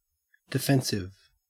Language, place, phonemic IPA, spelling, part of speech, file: English, Queensland, /dɪˈfen.sɪv/, defensive, adjective / noun, En-au-defensive.ogg
- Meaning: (adjective) 1. Intended for defence; protective 2. Intended to deter attack 3. Performed so as to minimise risk